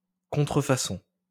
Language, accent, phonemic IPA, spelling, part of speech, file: French, France, /kɔ̃.tʁə.fa.sɔ̃/, contrefaçon, noun, LL-Q150 (fra)-contrefaçon.wav
- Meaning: 1. counterfeit; forgery (a fake) 2. counterfeiting; forgery (the action of faking something)